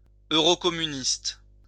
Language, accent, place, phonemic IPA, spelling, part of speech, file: French, France, Lyon, /ø.ʁo.kɔ.my.nist/, eurocommuniste, adjective / noun, LL-Q150 (fra)-eurocommuniste.wav
- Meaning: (adjective) Eurocommunist